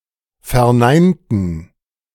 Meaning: inflection of verneinen: 1. first/third-person plural preterite 2. first/third-person plural subjunctive II
- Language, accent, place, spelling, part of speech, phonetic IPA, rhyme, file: German, Germany, Berlin, verneinten, adjective / verb, [fɛɐ̯ˈnaɪ̯ntn̩], -aɪ̯ntn̩, De-verneinten.ogg